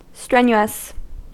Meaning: 1. Having great vigour or energy; forceful 2. Requiring great exertion; very laborious
- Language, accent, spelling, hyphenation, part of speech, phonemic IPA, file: English, US, strenuous, stren‧u‧ous, adjective, /ˈstɹɛ.nju.əs/, En-us-strenuous.ogg